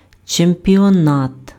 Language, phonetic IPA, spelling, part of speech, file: Ukrainian, [t͡ʃempʲiɔˈnat], чемпіонат, noun, Uk-чемпіонат.ogg
- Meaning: championship